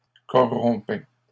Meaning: first/second-person singular imperfect indicative of corrompre
- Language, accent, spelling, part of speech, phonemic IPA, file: French, Canada, corrompais, verb, /kɔ.ʁɔ̃.pɛ/, LL-Q150 (fra)-corrompais.wav